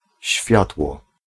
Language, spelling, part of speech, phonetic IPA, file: Polish, światło, noun, [ˈɕfʲjatwɔ], Pl-światło.ogg